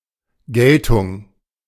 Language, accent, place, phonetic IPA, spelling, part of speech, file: German, Germany, Berlin, [ˈɡɛltʊŋ], Geltung, noun, De-Geltung.ogg
- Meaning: 1. import, effect, recognition 2. payment, recompense, fee, tax